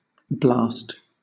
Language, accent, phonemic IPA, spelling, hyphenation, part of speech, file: English, Southern England, /blɑːst/, blast, blast, noun / verb / interjection, LL-Q1860 (eng)-blast.wav
- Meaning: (noun) A violent gust of wind (in windy weather) or apparent wind (around a moving vehicle)